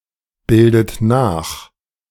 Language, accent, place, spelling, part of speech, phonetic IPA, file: German, Germany, Berlin, bildet nach, verb, [ˌbɪldət ˈnaːx], De-bildet nach.ogg
- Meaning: inflection of nachbilden: 1. second-person plural present 2. second-person plural subjunctive I 3. third-person singular present 4. plural imperative